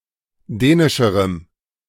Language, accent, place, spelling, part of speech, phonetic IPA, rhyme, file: German, Germany, Berlin, dänischerem, adjective, [ˈdɛːnɪʃəʁəm], -ɛːnɪʃəʁəm, De-dänischerem.ogg
- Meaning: strong dative masculine/neuter singular comparative degree of dänisch